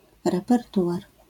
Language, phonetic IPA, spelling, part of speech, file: Polish, [ˌrɛpɛrˈtuʷar], repertuar, noun, LL-Q809 (pol)-repertuar.wav